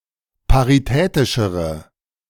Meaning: inflection of paritätisch: 1. strong/mixed nominative/accusative feminine singular comparative degree 2. strong nominative/accusative plural comparative degree
- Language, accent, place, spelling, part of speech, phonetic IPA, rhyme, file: German, Germany, Berlin, paritätischere, adjective, [paʁiˈtɛːtɪʃəʁə], -ɛːtɪʃəʁə, De-paritätischere.ogg